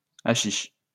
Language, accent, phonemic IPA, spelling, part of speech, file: French, France, /a.ʃiʃ/, haschisch, noun, LL-Q150 (fra)-haschisch.wav
- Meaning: alternative form of haschich